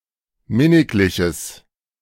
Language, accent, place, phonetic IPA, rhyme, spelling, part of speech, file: German, Germany, Berlin, [ˈmɪnɪklɪçəs], -ɪnɪklɪçəs, minnigliches, adjective, De-minnigliches.ogg
- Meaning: strong/mixed nominative/accusative neuter singular of minniglich